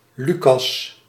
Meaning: 1. Luke (book of the Bible) 2. Luke (traditional name of the author of the Gospel of Luke) 3. a male given name from Ancient Greek
- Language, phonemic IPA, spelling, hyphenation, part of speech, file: Dutch, /ˈly.kɑs/, Lucas, Lu‧cas, proper noun, Nl-Lucas.ogg